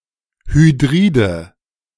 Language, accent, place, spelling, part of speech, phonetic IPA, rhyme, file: German, Germany, Berlin, Hydride, noun, [hyˈdʁiːdə], -iːdə, De-Hydride.ogg
- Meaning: nominative/accusative/genitive plural of Hydrid